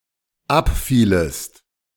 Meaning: second-person singular dependent subjunctive II of abfallen
- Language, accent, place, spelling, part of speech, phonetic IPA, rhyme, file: German, Germany, Berlin, abfielest, verb, [ˈapˌfiːləst], -apfiːləst, De-abfielest.ogg